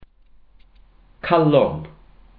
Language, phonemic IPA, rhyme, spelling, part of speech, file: Welsh, /ˈkalɔn/, -alɔn, calon, noun, Cy-calon.ogg
- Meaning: heart: 1. core (of apple, cabbage, etc.) 2. center, inner or hidden part